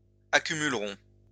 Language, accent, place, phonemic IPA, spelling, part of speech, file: French, France, Lyon, /a.ky.myl.ʁɔ̃/, accumulerons, verb, LL-Q150 (fra)-accumulerons.wav
- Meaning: first-person plural simple future of accumuler